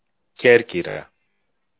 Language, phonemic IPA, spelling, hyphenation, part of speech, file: Greek, /ˈcercira/, Κέρκυρα, Κέρ‧κυ‧ρα, proper noun, El-Κέρκυρα.ogg
- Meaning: 1. Corfu (an island of Greece) 2. Corfu (a city in Greece)